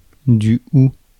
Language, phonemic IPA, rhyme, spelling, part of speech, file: French, /u/, -u, houx, noun, Fr-houx.ogg
- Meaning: holly